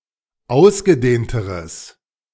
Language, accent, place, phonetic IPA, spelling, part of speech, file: German, Germany, Berlin, [ˈaʊ̯sɡəˌdeːntəʁəs], ausgedehnteres, adjective, De-ausgedehnteres.ogg
- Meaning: strong/mixed nominative/accusative neuter singular comparative degree of ausgedehnt